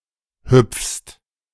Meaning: second-person singular present of hüpfen
- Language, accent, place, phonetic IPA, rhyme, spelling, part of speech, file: German, Germany, Berlin, [hʏp͡fst], -ʏp͡fst, hüpfst, verb, De-hüpfst.ogg